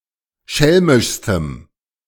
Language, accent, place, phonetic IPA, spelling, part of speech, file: German, Germany, Berlin, [ˈʃɛlmɪʃstəm], schelmischstem, adjective, De-schelmischstem.ogg
- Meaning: strong dative masculine/neuter singular superlative degree of schelmisch